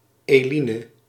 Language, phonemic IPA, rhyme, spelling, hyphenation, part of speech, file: Dutch, /ˌeːˈli.nə/, -inə, Eline, Eli‧ne, proper noun, Nl-Eline.ogg
- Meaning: a female given name